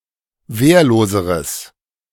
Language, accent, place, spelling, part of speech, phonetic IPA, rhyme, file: German, Germany, Berlin, wehrloseres, adjective, [ˈveːɐ̯loːzəʁəs], -eːɐ̯loːzəʁəs, De-wehrloseres.ogg
- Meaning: strong/mixed nominative/accusative neuter singular comparative degree of wehrlos